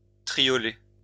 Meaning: 1. triplet, triolet 2. triplet
- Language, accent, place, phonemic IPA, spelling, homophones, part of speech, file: French, France, Lyon, /tʁi.jɔ.lɛ/, triolet, triolets, noun, LL-Q150 (fra)-triolet.wav